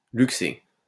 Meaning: to luxate
- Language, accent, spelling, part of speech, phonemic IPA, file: French, France, luxer, verb, /lyk.se/, LL-Q150 (fra)-luxer.wav